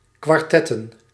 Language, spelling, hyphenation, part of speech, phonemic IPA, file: Dutch, kwartetten, kwar‧tet‧ten, noun / verb, /kʋɑrˈtɛ.tə(n)/, Nl-kwartetten.ogg
- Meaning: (noun) plural of kwartet; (verb) to play the card game kwartet